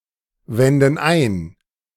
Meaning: inflection of einwenden: 1. first/third-person plural present 2. first/third-person plural subjunctive I
- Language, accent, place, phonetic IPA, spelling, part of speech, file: German, Germany, Berlin, [ˌvɛndn̩ ˈaɪ̯n], wenden ein, verb, De-wenden ein.ogg